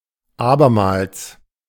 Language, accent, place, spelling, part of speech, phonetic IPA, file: German, Germany, Berlin, abermals, adverb, [ˈaːbɐmaːls], De-abermals.ogg
- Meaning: anew